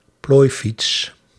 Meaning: folding bicycle
- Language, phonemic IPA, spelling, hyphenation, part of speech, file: Dutch, /ˈploːi̯.fits/, plooifiets, plooi‧fiets, noun, Nl-plooifiets.ogg